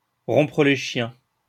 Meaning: to end a conversation that got off to a bad start
- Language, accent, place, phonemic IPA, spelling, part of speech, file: French, France, Lyon, /ʁɔ̃.pʁə le ʃjɛ̃/, rompre les chiens, verb, LL-Q150 (fra)-rompre les chiens.wav